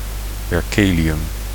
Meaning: berkelium
- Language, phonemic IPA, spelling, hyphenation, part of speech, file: Dutch, /ˌbɛrˈkeː.li.ʏm/, berkelium, ber‧ke‧li‧um, noun, Nl-berkelium.ogg